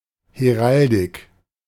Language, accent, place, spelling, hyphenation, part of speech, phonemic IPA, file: German, Germany, Berlin, Heraldik, He‧ral‧dik, noun, /heˈʁaldɪk/, De-Heraldik.ogg
- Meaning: heraldry (relating to the design, display and study of armorial bearings)